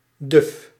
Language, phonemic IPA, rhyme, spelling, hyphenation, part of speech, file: Dutch, /dʏf/, -ʏf, duf, duf, adjective, Nl-duf.ogg
- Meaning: 1. unable to think clearly 2. boring, uninteresting 3. fusty, moldy